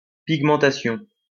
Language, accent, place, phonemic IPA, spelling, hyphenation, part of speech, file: French, France, Lyon, /piɡ.mɑ̃.ta.sjɔ̃/, pigmentation, pig‧men‧ta‧tion, noun, LL-Q150 (fra)-pigmentation.wav
- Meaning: pigmentation